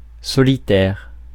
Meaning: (adjective) solitary, alone (living alone or being by oneself); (noun) loner, solitary person
- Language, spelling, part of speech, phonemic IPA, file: French, solitaire, adjective / noun, /sɔ.li.tɛʁ/, Fr-solitaire.ogg